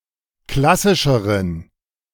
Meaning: inflection of klassisch: 1. strong genitive masculine/neuter singular comparative degree 2. weak/mixed genitive/dative all-gender singular comparative degree
- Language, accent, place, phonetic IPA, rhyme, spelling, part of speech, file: German, Germany, Berlin, [ˈklasɪʃəʁən], -asɪʃəʁən, klassischeren, adjective, De-klassischeren.ogg